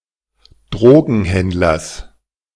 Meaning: genitive singular of Drogenhändler
- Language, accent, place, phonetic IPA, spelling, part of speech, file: German, Germany, Berlin, [ˈdʁoːɡn̩ˌhɛndlɐs], Drogenhändlers, noun, De-Drogenhändlers.ogg